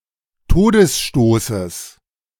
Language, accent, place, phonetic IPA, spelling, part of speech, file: German, Germany, Berlin, [ˈtoːdəsˌʃtoːsəs], Todesstoßes, noun, De-Todesstoßes.ogg
- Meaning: genitive singular of Todesstoß